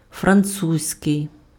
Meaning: French
- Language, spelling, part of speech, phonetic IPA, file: Ukrainian, французький, adjective, [frɐnˈt͡suzʲkei̯], Uk-французький.ogg